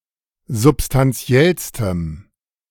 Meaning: strong dative masculine/neuter singular superlative degree of substantiell
- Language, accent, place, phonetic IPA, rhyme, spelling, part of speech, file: German, Germany, Berlin, [zʊpstanˈt͡si̯ɛlstəm], -ɛlstəm, substantiellstem, adjective, De-substantiellstem.ogg